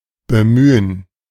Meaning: 1. to make an effort 2. to trouble oneself 3. to employ, to cite, to trot out (of arguments, approaches, examples, now especially of ones considered trite or unconvincing)
- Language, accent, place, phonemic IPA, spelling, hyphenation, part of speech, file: German, Germany, Berlin, /bəˈmyːən/, bemühen, be‧mü‧hen, verb, De-bemühen.ogg